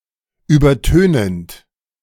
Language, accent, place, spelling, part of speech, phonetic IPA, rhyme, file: German, Germany, Berlin, übertönend, verb, [ˌyːbɐˈtøːnənt], -øːnənt, De-übertönend.ogg
- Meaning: present participle of übertönen